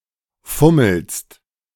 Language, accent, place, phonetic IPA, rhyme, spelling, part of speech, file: German, Germany, Berlin, [ˈfʊml̩st], -ʊml̩st, fummelst, verb, De-fummelst.ogg
- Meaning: second-person singular present of fummeln